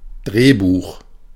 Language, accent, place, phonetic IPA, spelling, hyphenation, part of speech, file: German, Germany, Berlin, [ˈdʀeːˌbuːχ], Drehbuch, Dreh‧buch, noun, De-Drehbuch.ogg
- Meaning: script, screenplay